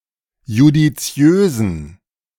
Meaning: inflection of judiziös: 1. strong genitive masculine/neuter singular 2. weak/mixed genitive/dative all-gender singular 3. strong/weak/mixed accusative masculine singular 4. strong dative plural
- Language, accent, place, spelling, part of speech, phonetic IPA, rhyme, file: German, Germany, Berlin, judiziösen, adjective, [judiˈt͡si̯øːzn̩], -øːzn̩, De-judiziösen.ogg